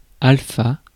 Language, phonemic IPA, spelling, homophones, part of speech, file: French, /al.fa/, alpha, alfa, noun, Fr-alpha.ogg
- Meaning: alpha (Greek letter)